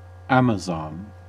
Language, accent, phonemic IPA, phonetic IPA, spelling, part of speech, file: English, US, /ˈæm.əˌzɑn/, [ˈɛəm.əˌzɑn], Amazon, noun / proper noun / verb, En-us-Amazon.ogg
- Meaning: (noun) 1. A member of a mythical race of female warriors inhabiting the Black Sea area 2. A female warrior 3. A tall, strong, or athletic woman